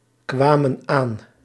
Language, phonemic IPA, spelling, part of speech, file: Dutch, /ˈkwamə(n) ˈan/, kwamen aan, verb, Nl-kwamen aan.ogg
- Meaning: inflection of aankomen: 1. plural past indicative 2. plural past subjunctive